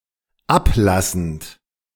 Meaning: present participle of ablassen
- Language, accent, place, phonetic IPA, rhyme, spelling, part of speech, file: German, Germany, Berlin, [ˈapˌlasn̩t], -aplasn̩t, ablassend, verb, De-ablassend.ogg